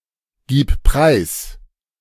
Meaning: singular imperative of preisgeben
- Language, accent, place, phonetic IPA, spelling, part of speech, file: German, Germany, Berlin, [ˌɡiːp ˈpʁaɪ̯s], gib preis, verb, De-gib preis.ogg